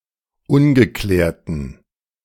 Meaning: inflection of ungeklärt: 1. strong genitive masculine/neuter singular 2. weak/mixed genitive/dative all-gender singular 3. strong/weak/mixed accusative masculine singular 4. strong dative plural
- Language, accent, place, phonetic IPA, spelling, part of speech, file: German, Germany, Berlin, [ˈʊnɡəˌklɛːɐ̯tn̩], ungeklärten, adjective, De-ungeklärten.ogg